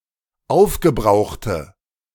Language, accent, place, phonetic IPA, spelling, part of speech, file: German, Germany, Berlin, [ˈaʊ̯fɡəˌbʁaʊ̯xtə], aufgebrauchte, adjective, De-aufgebrauchte.ogg
- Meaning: inflection of aufgebraucht: 1. strong/mixed nominative/accusative feminine singular 2. strong nominative/accusative plural 3. weak nominative all-gender singular